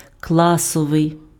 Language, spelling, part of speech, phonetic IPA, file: Ukrainian, класовий, adjective, [ˈkɫasɔʋei̯], Uk-класовий.ogg
- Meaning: class (as a social category)